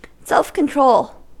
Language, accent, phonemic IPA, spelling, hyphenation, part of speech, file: English, US, /ˌsɛlf kənˈtɹoʊl/, self-control, self-control, noun / verb, En-us-self-control.ogg
- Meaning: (noun) The ability to control one's desires and impulses; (verb) To control oneself or itself